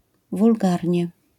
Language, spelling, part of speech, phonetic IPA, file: Polish, wulgarnie, adverb, [vulˈɡarʲɲɛ], LL-Q809 (pol)-wulgarnie.wav